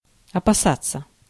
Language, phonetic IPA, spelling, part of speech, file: Russian, [ɐpɐˈsat͡sːə], опасаться, verb, Ru-опасаться.ogg
- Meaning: 1. to be afraid of, to fear 2. to avoid, to beware of, to refrain from